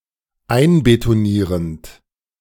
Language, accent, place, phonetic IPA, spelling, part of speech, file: German, Germany, Berlin, [ˈaɪ̯nbetoˌniːʁənt], einbetonierend, verb, De-einbetonierend.ogg
- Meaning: present participle of einbetonieren